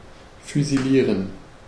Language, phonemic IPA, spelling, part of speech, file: German, /fyziˈliːʁən/, füsilieren, verb, De-füsilieren.ogg
- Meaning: to execute by firing squad